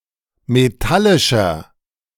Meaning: inflection of metallisch: 1. strong/mixed nominative masculine singular 2. strong genitive/dative feminine singular 3. strong genitive plural
- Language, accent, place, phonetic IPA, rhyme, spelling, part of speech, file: German, Germany, Berlin, [meˈtalɪʃɐ], -alɪʃɐ, metallischer, adjective, De-metallischer.ogg